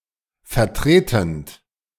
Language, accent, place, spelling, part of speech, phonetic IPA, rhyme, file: German, Germany, Berlin, vertretend, verb, [fɛɐ̯ˈtʁeːtn̩t], -eːtn̩t, De-vertretend.ogg
- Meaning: present participle of vertreten